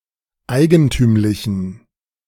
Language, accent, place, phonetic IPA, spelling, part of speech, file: German, Germany, Berlin, [ˈaɪ̯ɡənˌtyːmlɪçn̩], eigentümlichen, adjective, De-eigentümlichen.ogg
- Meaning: inflection of eigentümlich: 1. strong genitive masculine/neuter singular 2. weak/mixed genitive/dative all-gender singular 3. strong/weak/mixed accusative masculine singular 4. strong dative plural